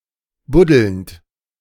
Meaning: present participle of buddeln
- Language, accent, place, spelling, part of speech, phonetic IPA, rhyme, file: German, Germany, Berlin, buddelnd, verb, [ˈbʊdl̩nt], -ʊdl̩nt, De-buddelnd.ogg